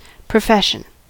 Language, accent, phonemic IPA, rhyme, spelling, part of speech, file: English, US, /pɹəˈfɛʃ.ən/, -ɛʃən, profession, noun, En-us-profession.ogg
- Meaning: A declaration of faith.: 1. A promise or vow made on entering a religious order 2. The declaration of belief in the principles of a religion; hence, one's faith or religion